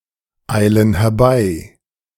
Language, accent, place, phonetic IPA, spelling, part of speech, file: German, Germany, Berlin, [ˌaɪ̯lən hɛɐ̯ˈbaɪ̯], eilen herbei, verb, De-eilen herbei.ogg
- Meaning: inflection of herbeieilen: 1. first/third-person plural present 2. first/third-person plural subjunctive I